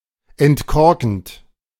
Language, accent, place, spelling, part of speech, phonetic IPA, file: German, Germany, Berlin, entkorkend, verb, [ɛntˈkɔʁkn̩t], De-entkorkend.ogg
- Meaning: present participle of entkorken